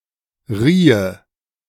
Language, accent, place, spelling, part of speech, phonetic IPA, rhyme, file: German, Germany, Berlin, riehe, verb, [ˈʁiːə], -iːə, De-riehe.ogg
- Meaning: first/third-person singular subjunctive II of reihen